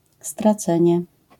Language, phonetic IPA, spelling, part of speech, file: Polish, [straˈt͡sɛ̃ɲɛ], stracenie, noun, LL-Q809 (pol)-stracenie.wav